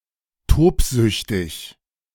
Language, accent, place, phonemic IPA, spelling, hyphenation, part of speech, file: German, Germany, Berlin, /ˈtoːpˌzʏçtɪç/, tobsüchtig, tob‧süch‧tig, adjective, De-tobsüchtig.ogg
- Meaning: raving mad